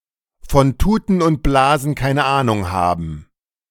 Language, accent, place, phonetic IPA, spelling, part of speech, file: German, Germany, Berlin, [fɔn ˈtuːtn̩ ʊnt ˈblaːzn̩ ˈkaɪ̯nə ˈaːnʊŋ ˈhaːbn̩], von Tuten und Blasen keine Ahnung haben, verb, De-von Tuten und Blasen keine Ahnung haben.ogg
- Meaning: to be clueless